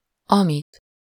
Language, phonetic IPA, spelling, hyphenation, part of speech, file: Hungarian, [ˈɒmit], amit, amit, pronoun, Hu-amit.ogg
- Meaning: which, what (accusative singular of ami)